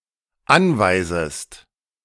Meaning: second-person singular dependent subjunctive I of anweisen
- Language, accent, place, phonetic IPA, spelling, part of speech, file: German, Germany, Berlin, [ˈanvaɪ̯zəst], anweisest, verb, De-anweisest.ogg